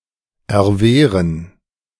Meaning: to resist, to fend off
- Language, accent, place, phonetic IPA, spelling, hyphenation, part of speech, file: German, Germany, Berlin, [ɛɐ̯ˈveːʁən], erwehren, er‧weh‧ren, verb, De-erwehren.ogg